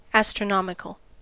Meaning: 1. Of or relating to astronomy 2. Very large; of vast measure
- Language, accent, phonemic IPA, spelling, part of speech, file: English, US, /ˌæs.tɹəˈnɑm.ɪ.kəl/, astronomical, adjective, En-us-astronomical.ogg